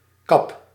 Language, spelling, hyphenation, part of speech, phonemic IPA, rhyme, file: Dutch, kap, kap, noun / verb, /kɑp/, -ɑp, Nl-kap.ogg
- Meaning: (noun) 1. cap 2. cover 3. stroke; chopping; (verb) inflection of kappen: 1. first-person singular present indicative 2. second-person singular present indicative 3. imperative